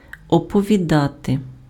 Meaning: to tell, to narrate, to recount, to relate
- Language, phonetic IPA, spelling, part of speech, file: Ukrainian, [ɔpɔʋʲiˈdate], оповідати, verb, Uk-оповідати.ogg